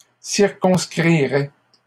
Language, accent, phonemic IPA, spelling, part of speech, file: French, Canada, /siʁ.kɔ̃s.kʁi.ʁɛ/, circonscriraient, verb, LL-Q150 (fra)-circonscriraient.wav
- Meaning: third-person plural conditional of circonscrire